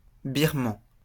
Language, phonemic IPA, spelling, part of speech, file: French, /biʁ.mɑ̃/, Birman, noun, LL-Q150 (fra)-Birman.wav
- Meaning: Burmese (resident or native of Myanmar)